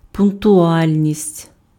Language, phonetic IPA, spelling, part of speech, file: Ukrainian, [pʊnktʊˈalʲnʲisʲtʲ], пунктуальність, noun, Uk-пунктуальність.ogg
- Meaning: punctuality